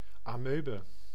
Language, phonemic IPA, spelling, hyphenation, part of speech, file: Dutch, /ɑˈmøːbə/, amoebe, amoe‧be, noun, Nl-amoebe.ogg
- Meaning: amoeba (a genus of unicellular protozoa)